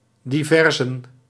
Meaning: miscellanies, sundry items
- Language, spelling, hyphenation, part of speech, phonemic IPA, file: Dutch, diversen, di‧ver‧sen, noun, /ˌdiˈvɛr.zə(n)/, Nl-diversen.ogg